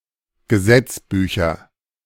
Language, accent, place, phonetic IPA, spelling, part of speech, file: German, Germany, Berlin, [ɡəˈzɛt͡sˌbyːçɐ], Gesetzbücher, noun, De-Gesetzbücher.ogg
- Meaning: nominative/accusative/genitive plural of Gesetzbuch